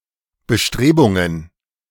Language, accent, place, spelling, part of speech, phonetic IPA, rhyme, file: German, Germany, Berlin, Bestrebungen, noun, [bəˈʃtʁeːbʊŋən], -eːbʊŋən, De-Bestrebungen.ogg
- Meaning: plural of Bestrebung